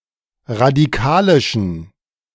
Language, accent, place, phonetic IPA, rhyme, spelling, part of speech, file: German, Germany, Berlin, [ʁadiˈkaːlɪʃn̩], -aːlɪʃn̩, radikalischen, adjective, De-radikalischen.ogg
- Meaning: inflection of radikalisch: 1. strong genitive masculine/neuter singular 2. weak/mixed genitive/dative all-gender singular 3. strong/weak/mixed accusative masculine singular 4. strong dative plural